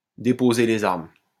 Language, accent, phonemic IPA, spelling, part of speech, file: French, France, /de.po.ze le.z‿aʁm/, déposer les armes, verb, LL-Q150 (fra)-déposer les armes.wav
- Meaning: 1. to lay down one's arms, to lay down one's weapons 2. to give up, to surrender